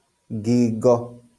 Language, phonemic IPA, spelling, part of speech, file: Kikuyu, /ŋɡìŋɡɔ́/, ngingo, noun, LL-Q33587 (kik)-ngingo.wav
- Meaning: neck